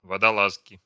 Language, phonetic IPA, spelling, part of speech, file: Russian, [vədɐˈɫaskʲɪ], водолазки, noun, Ru-водолазки.ogg
- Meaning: inflection of водола́зка (vodolázka): 1. genitive singular 2. nominative plural 3. inanimate accusative plural